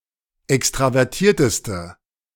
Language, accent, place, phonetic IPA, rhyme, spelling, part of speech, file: German, Germany, Berlin, [ˌɛkstʁavɛʁˈtiːɐ̯təstə], -iːɐ̯təstə, extravertierteste, adjective, De-extravertierteste.ogg
- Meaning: inflection of extravertiert: 1. strong/mixed nominative/accusative feminine singular superlative degree 2. strong nominative/accusative plural superlative degree